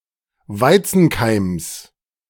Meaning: genitive singular of Weizenkeim
- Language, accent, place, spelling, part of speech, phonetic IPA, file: German, Germany, Berlin, Weizenkeims, noun, [ˈvaɪ̯t͡sn̩ˌkaɪ̯ms], De-Weizenkeims.ogg